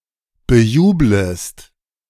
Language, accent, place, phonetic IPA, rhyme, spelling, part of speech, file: German, Germany, Berlin, [bəˈjuːbləst], -uːbləst, bejublest, verb, De-bejublest.ogg
- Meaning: second-person singular subjunctive I of bejubeln